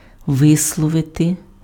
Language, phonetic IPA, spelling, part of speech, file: Ukrainian, [ˈʋɪsɫɔʋete], висловити, verb, Uk-висловити.ogg
- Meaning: to express, to say, to utter, to voice, to put in words